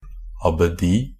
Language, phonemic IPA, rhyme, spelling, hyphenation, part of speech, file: Norwegian Bokmål, /abəˈdiː/, -iː, abbedi, ab‧be‧di, noun, NB - Pronunciation of Norwegian Bokmål «abbedi».ogg
- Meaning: an abbey (monastery headed by an abbot)